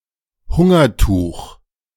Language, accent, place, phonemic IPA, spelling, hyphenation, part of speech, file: German, Germany, Berlin, /ˈhʊŋɐˌtuːx/, Hungertuch, Hun‧ger‧tuch, noun, De-Hungertuch.ogg
- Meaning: Lenten veil